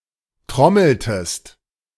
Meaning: inflection of trommeln: 1. second-person singular preterite 2. second-person singular subjunctive II
- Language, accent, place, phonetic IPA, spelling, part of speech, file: German, Germany, Berlin, [ˈtʁɔml̩təst], trommeltest, verb, De-trommeltest.ogg